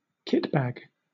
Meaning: A large cylindrical holdall
- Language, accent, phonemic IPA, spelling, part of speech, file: English, Southern England, /ˈkɪtbæɡ/, kitbag, noun, LL-Q1860 (eng)-kitbag.wav